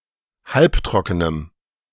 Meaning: strong dative masculine/neuter singular of halbtrocken
- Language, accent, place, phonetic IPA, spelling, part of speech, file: German, Germany, Berlin, [ˈhalpˌtʁɔkənəm], halbtrockenem, adjective, De-halbtrockenem.ogg